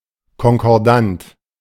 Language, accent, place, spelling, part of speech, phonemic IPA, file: German, Germany, Berlin, konkordant, adjective, /kɔnkɔʁˈdant/, De-konkordant.ogg
- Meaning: 1. concordant 2. corresponding; consistent; agreeing